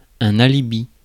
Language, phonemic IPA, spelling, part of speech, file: French, /a.li.bi/, alibi, noun, Fr-alibi.ogg
- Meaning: alibi